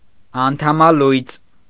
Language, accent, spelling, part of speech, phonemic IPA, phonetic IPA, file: Armenian, Eastern Armenian, անդամալույծ, noun / adjective, /ɑntʰɑmɑˈlujt͡s/, [ɑntʰɑmɑlújt͡s], Hy-անդամալույծ.ogg
- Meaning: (noun) 1. paralytic 2. amputee; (adjective) 1. paralyzed 2. amputated 3. lazy, slow